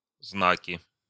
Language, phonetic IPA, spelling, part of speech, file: Russian, [ˈznakʲɪ], знаки, noun, Ru-знаки.ogg
- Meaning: nominative/accusative plural of знак (znak)